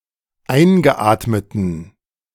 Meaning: inflection of eingeatmet: 1. strong genitive masculine/neuter singular 2. weak/mixed genitive/dative all-gender singular 3. strong/weak/mixed accusative masculine singular 4. strong dative plural
- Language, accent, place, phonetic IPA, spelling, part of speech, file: German, Germany, Berlin, [ˈaɪ̯nɡəˌʔaːtmətn̩], eingeatmeten, adjective, De-eingeatmeten.ogg